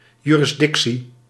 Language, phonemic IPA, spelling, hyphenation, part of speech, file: Dutch, /jyrɪzˈdɪksi/, jurisdictie, ju‧ris‧dic‧tie, noun, Nl-jurisdictie.ogg
- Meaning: jurisdiction